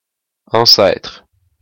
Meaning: 1. ancestor, forebear, forefather 2. precursor, forerunner 3. old geezer, old fart
- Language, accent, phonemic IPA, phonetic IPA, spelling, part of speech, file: French, Quebec, /ɑ̃.sɛtʁ/, [ɑ̃sae̯tʁ̥], ancêtre, noun, Qc-ancêtre.oga